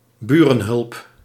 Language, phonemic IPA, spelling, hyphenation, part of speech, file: Dutch, /ˈbyː.rə(n)ˌɦʏlp/, burenhulp, bu‧ren‧hulp, noun, Nl-burenhulp.ogg
- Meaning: neighbourly help, assistance provided to a neighbour